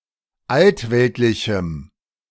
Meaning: strong dative masculine/neuter singular of altweltlich
- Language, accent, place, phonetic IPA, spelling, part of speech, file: German, Germany, Berlin, [ˈaltˌvɛltlɪçm̩], altweltlichem, adjective, De-altweltlichem.ogg